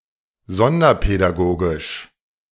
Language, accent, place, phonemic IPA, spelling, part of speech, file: German, Germany, Berlin, /ˈzɔndɐpɛdaˌɡoːɡɪʃ/, sonderpädagogisch, adjective, De-sonderpädagogisch.ogg
- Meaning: special education